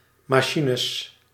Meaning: plural of machine
- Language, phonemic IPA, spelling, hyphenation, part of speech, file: Dutch, /mɑˈʃinəs/, machines, ma‧chi‧nes, noun, Nl-machines.ogg